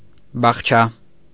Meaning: alternative spelling of բաղչա (baġčʻa)
- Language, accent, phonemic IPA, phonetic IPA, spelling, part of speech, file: Armenian, Eastern Armenian, /bɑχˈt͡ʃʰɑ/, [bɑχt͡ʃʰɑ́], բախչա, noun, Hy-բախչա .ogg